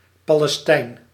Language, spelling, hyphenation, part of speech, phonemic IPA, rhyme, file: Dutch, Palestijn, Pa‧les‧tijn, proper noun, /ˌpaː.lɛˈstɛi̯n/, -ɛi̯n, Nl-Palestijn.ogg
- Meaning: a Palestinian, inhabitant of Palestine or member of its Arab diaspora